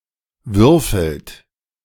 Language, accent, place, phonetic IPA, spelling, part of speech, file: German, Germany, Berlin, [ˈvʏʁfl̩t], würfelt, verb, De-würfelt.ogg
- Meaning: inflection of würfeln: 1. third-person singular present 2. second-person plural present 3. plural imperative